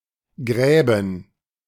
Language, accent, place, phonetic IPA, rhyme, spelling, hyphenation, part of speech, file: German, Germany, Berlin, [ˈɡʁɛːbn̩], -ɛːbn̩, Gräben, Grä‧ben, noun, De-Gräben.ogg
- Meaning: plural of Graben